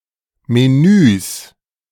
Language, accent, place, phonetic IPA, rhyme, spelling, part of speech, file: German, Germany, Berlin, [meˈnyːs], -yːs, Menüs, noun, De-Menüs.ogg
- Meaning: 1. genitive singular of Menü 2. plural of Menü